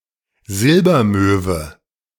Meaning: The European herring gull (Larus argentatus)
- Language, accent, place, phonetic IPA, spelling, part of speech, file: German, Germany, Berlin, [ˈzɪlbɐˌmøːvə], Silbermöwe, noun, De-Silbermöwe.ogg